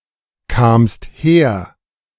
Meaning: second-person singular preterite of herkommen
- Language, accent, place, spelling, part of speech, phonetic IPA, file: German, Germany, Berlin, kamst her, verb, [kaːmst ˈheːɐ̯], De-kamst her.ogg